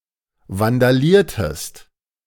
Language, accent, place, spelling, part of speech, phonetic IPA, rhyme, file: German, Germany, Berlin, vandaliertest, verb, [vandaˈliːɐ̯təst], -iːɐ̯təst, De-vandaliertest.ogg
- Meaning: inflection of vandalieren: 1. second-person singular preterite 2. second-person singular subjunctive II